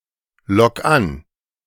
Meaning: 1. singular imperative of anlocken 2. first-person singular present of anlocken
- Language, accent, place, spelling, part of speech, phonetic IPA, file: German, Germany, Berlin, lock an, verb, [ˌlɔk ˈan], De-lock an.ogg